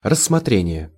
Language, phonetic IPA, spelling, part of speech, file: Russian, [rəsːmɐˈtrʲenʲɪje], рассмотрение, noun, Ru-рассмотрение.ogg
- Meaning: 1. examination (the process of examining) 2. consideration (the process of considering)